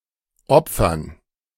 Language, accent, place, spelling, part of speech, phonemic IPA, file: German, Germany, Berlin, Opfern, noun, /ˈʔɔpfɐn/, De-Opfern.ogg
- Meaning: 1. gerund of opfern 2. dative plural of Opfer